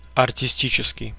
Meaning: artistic
- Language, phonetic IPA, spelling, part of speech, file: Russian, [ɐrtʲɪˈsʲtʲit͡ɕɪskʲɪj], артистический, adjective, Ru-артистический.ogg